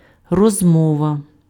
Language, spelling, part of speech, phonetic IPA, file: Ukrainian, розмова, noun, [rɔzˈmɔʋɐ], Uk-розмова.ogg
- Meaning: conversation